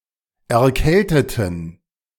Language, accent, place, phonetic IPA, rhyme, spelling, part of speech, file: German, Germany, Berlin, [ɛɐ̯ˈkɛltətn̩], -ɛltətn̩, erkälteten, adjective / verb, De-erkälteten.ogg
- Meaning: inflection of erkälten: 1. first/third-person plural preterite 2. first/third-person plural subjunctive II